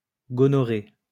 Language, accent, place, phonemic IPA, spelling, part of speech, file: French, France, Lyon, /ɡɔ.nɔ.ʁe/, gonorrhée, noun, LL-Q150 (fra)-gonorrhée.wav
- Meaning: gonorrhea